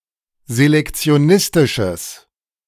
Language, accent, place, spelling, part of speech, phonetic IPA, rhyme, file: German, Germany, Berlin, selektionistisches, adjective, [zelɛkt͡si̯oˈnɪstɪʃəs], -ɪstɪʃəs, De-selektionistisches.ogg
- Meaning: strong/mixed nominative/accusative neuter singular of selektionistisch